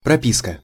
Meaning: 1. propiska, residence permit, (mandatory) registration (USSR) 2. the stamp in the Soviet internal passport (serving as a personal ID) with the registered address
- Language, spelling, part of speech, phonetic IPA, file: Russian, прописка, noun, [prɐˈpʲiskə], Ru-прописка.ogg